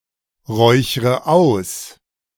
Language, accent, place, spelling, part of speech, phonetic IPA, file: German, Germany, Berlin, räuchre aus, verb, [ˌʁɔɪ̯çʁə ˈaʊ̯s], De-räuchre aus.ogg
- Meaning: inflection of ausräuchern: 1. first-person singular present 2. first/third-person singular subjunctive I 3. singular imperative